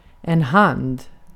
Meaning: 1. a hand 2. a hand (set of cards held by a player)
- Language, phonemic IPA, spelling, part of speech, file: Swedish, /hand/, hand, noun, Sv-hand.ogg